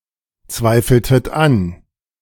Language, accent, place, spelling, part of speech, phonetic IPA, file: German, Germany, Berlin, zweifeltet an, verb, [ˌt͡svaɪ̯fl̩tət ˈan], De-zweifeltet an.ogg
- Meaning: inflection of anzweifeln: 1. second-person plural preterite 2. second-person plural subjunctive II